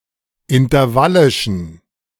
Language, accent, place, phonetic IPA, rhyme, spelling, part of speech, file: German, Germany, Berlin, [ɪntɐˈvalɪʃn̩], -alɪʃn̩, intervallischen, adjective, De-intervallischen.ogg
- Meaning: inflection of intervallisch: 1. strong genitive masculine/neuter singular 2. weak/mixed genitive/dative all-gender singular 3. strong/weak/mixed accusative masculine singular 4. strong dative plural